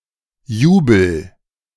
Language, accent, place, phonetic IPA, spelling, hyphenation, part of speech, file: German, Germany, Berlin, [ˈjuː.bl̩], Jubel, Ju‧bel, noun, De-Jubel.ogg
- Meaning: jubilation, exultation, rejoicing; cheering